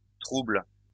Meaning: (noun) plural of trouble; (verb) second-person singular present indicative/subjunctive of troubler
- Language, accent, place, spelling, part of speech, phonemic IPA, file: French, France, Lyon, troubles, noun / verb, /tʁubl/, LL-Q150 (fra)-troubles.wav